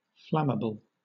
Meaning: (adjective) 1. Capable of burning 2. Easily set on fire 3. Easily set on fire.: Subject to easy ignition and rapid flaming combustion
- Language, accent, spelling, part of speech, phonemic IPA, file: English, Southern England, flammable, adjective / noun, /ˈflæməbl̩/, LL-Q1860 (eng)-flammable.wav